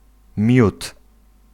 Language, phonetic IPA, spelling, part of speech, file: Polish, [mʲjut], miód, noun, Pl-miód.ogg